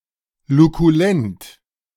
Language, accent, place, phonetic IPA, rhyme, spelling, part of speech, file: German, Germany, Berlin, [lukuˈlɛnt], -ɛnt, lukulent, adjective, De-lukulent.ogg
- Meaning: luculent, bright, clear